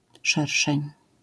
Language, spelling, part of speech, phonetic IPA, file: Polish, szerszeń, noun, [ˈʃɛrʃɛ̃ɲ], LL-Q809 (pol)-szerszeń.wav